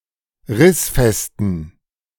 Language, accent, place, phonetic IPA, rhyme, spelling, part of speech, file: German, Germany, Berlin, [ˈʁɪsfɛstn̩], -ɪsfɛstn̩, rissfesten, adjective, De-rissfesten.ogg
- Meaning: inflection of rissfest: 1. strong genitive masculine/neuter singular 2. weak/mixed genitive/dative all-gender singular 3. strong/weak/mixed accusative masculine singular 4. strong dative plural